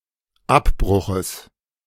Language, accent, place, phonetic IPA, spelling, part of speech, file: German, Germany, Berlin, [ˈapˌbʁʊxəs], Abbruches, noun, De-Abbruches.ogg
- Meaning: genitive singular of Abbruch